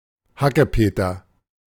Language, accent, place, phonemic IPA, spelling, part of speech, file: German, Germany, Berlin, /ˈhakəˌpeːtɐ/, Hackepeter, noun, De-Hackepeter.ogg
- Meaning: minced meat